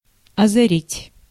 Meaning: 1. to light up; to illuminate 2. to brighten, to lighten 3. thought or idea to strike, to dawn upon
- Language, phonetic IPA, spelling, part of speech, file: Russian, [ɐzɐˈrʲitʲ], озарить, verb, Ru-озарить.ogg